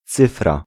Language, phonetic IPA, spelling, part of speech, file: Polish, [ˈt͡sɨfra], cyfra, noun, Pl-cyfra.ogg